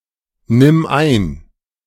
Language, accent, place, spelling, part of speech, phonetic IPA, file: German, Germany, Berlin, nimm ein, verb, [ˌnɪm ˈaɪ̯n], De-nimm ein.ogg
- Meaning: singular imperative of einnehmen